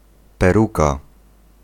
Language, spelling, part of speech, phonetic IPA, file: Polish, peruka, noun, [pɛˈruka], Pl-peruka.ogg